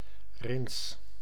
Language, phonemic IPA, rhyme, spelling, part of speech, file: Dutch, /rɪns/, -ɪns, rins, adjective, Nl-rins.ogg
- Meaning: mildly or pleasantly sour